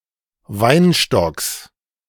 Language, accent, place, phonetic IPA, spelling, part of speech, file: German, Germany, Berlin, [ˈvaɪ̯nˌʃtɔks], Weinstocks, noun, De-Weinstocks.ogg
- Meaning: genitive singular of Weinstock